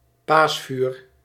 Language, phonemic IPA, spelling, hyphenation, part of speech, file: Dutch, /ˈpaːs.fyːr/, paasvuur, paas‧vuur, noun, Nl-paasvuur.ogg
- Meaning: Easter fire